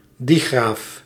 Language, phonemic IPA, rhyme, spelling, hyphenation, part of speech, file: Dutch, /diˈɣraːf/, -aːf, digraaf, di‧graaf, noun, Nl-digraaf.ogg
- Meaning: a digraph (pair of letters/graphemes representing one sound/phoneme) .